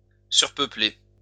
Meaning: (verb) past participle of surpeupler; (adjective) overpopulated
- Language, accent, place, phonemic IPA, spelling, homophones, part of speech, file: French, France, Lyon, /syʁ.pœ.ple/, surpeuplé, surpeuplai / surpeuplée / surpeuplées / surpeupler / surpeuplés / surpeuplez, verb / adjective, LL-Q150 (fra)-surpeuplé.wav